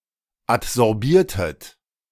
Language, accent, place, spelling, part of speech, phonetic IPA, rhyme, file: German, Germany, Berlin, adsorbiertet, verb, [atzɔʁˈbiːɐ̯tət], -iːɐ̯tət, De-adsorbiertet.ogg
- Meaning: inflection of adsorbieren: 1. second-person plural preterite 2. second-person plural subjunctive II